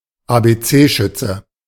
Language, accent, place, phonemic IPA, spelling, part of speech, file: German, Germany, Berlin, /ˌaːbeˈtseːˌʃʏtsə/, Abc-Schütze, noun, De-Abc-Schütze.ogg
- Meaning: first-year pupil; child who has just started school; abecedarian